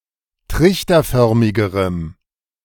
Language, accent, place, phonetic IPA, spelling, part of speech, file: German, Germany, Berlin, [ˈtʁɪçtɐˌfœʁmɪɡəʁəm], trichterförmigerem, adjective, De-trichterförmigerem.ogg
- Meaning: strong dative masculine/neuter singular comparative degree of trichterförmig